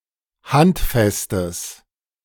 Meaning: strong/mixed nominative/accusative neuter singular of handfest
- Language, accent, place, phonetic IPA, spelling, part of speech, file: German, Germany, Berlin, [ˈhantˌfɛstəs], handfestes, adjective, De-handfestes.ogg